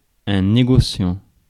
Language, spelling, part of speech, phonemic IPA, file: French, négociant, verb / noun, /ne.ɡɔ.sjɑ̃/, Fr-négociant.ogg
- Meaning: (verb) present participle of négocier; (noun) merchant, dealer